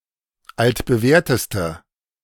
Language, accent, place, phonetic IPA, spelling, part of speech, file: German, Germany, Berlin, [ˌaltbəˈvɛːɐ̯təstə], altbewährteste, adjective, De-altbewährteste.ogg
- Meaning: inflection of altbewährt: 1. strong/mixed nominative/accusative feminine singular superlative degree 2. strong nominative/accusative plural superlative degree